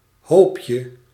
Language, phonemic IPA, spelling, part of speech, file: Dutch, /ˈhopjə/, hoopje, noun, Nl-hoopje.ogg
- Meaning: diminutive of hoop